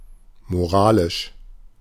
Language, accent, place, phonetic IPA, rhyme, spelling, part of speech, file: German, Germany, Berlin, [moˈʁaːlɪʃ], -aːlɪʃ, moralisch, adjective, De-moralisch.ogg
- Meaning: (adjective) moral; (adverb) morally